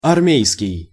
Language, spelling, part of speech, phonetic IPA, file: Russian, армейский, adjective, [ɐrˈmʲejskʲɪj], Ru-армейский.ogg
- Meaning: army